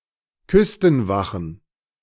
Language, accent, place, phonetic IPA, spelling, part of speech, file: German, Germany, Berlin, [ˈkʏstn̩ˌvaxn̩], Küstenwachen, noun, De-Küstenwachen.ogg
- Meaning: plural of Küstenwache